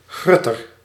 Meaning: grocer
- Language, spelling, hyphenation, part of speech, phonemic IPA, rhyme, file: Dutch, grutter, grut‧ter, noun, /ˈɣrʏ.tər/, -ʏtər, Nl-grutter.ogg